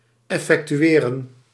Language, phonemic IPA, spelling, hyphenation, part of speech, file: Dutch, /ˌɛ.fɛk.tyˈeː.rə(n)/, effectueren, ef‧fec‧tu‧e‧ren, verb, Nl-effectueren.ogg
- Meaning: to effect, to carry out, to execute